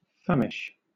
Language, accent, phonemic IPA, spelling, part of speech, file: English, Southern England, /ˈfamɪʃ/, famish, verb, LL-Q1860 (eng)-famish.wav
- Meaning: 1. To starve (to death); to kill or destroy with hunger 2. To exhaust the strength or endurance of, by hunger; to cause to be very hungry